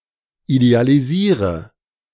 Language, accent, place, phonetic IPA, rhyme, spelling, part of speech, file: German, Germany, Berlin, [idealiˈziːʁə], -iːʁə, idealisiere, verb, De-idealisiere.ogg
- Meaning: inflection of idealisieren: 1. first-person singular present 2. singular imperative 3. first/third-person singular subjunctive I